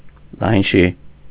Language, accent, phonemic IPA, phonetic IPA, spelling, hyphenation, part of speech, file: Armenian, Eastern Armenian, /lɑjnˈʃi/, [lɑjnʃí], լայնշի, լայն‧շի, adjective, Hy-լայնշի.ogg
- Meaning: wide